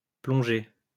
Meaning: past participle of plonger
- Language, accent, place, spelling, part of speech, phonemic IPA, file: French, France, Lyon, plongé, verb, /plɔ̃.ʒe/, LL-Q150 (fra)-plongé.wav